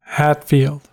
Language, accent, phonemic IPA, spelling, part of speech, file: English, US, /ˈhætfild/, Hatfield, proper noun, En-us-Hatfield.ogg
- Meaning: A placename: 1. A locality in the Balranald council area, south-western New South Wales, Australia 2. A locality in Jamaica 3. A suburb of Pretoria, South Africa